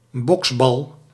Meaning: punching ball (implement with a punchable ball used in martial arts training)
- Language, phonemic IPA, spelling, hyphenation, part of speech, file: Dutch, /ˈbɔks.bɑl/, boksbal, boks‧bal, noun, Nl-boksbal.ogg